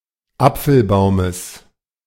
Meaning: genitive singular of Apfelbaum
- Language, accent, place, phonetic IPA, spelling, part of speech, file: German, Germany, Berlin, [ˈap͡fl̩ˌbaʊ̯məs], Apfelbaumes, noun, De-Apfelbaumes.ogg